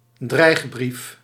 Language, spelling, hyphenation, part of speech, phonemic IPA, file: Dutch, dreigbrief, dreig‧brief, noun, /ˈdrɛi̯x.brif/, Nl-dreigbrief.ogg
- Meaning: letter containing threats